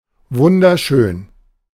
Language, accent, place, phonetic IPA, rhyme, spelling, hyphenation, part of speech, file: German, Germany, Berlin, [ˌvʊndɐˈʃøːn], -øːn, wunderschön, wun‧der‧schön, adjective, De-wunderschön.ogg
- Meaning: gorgeous, very beautiful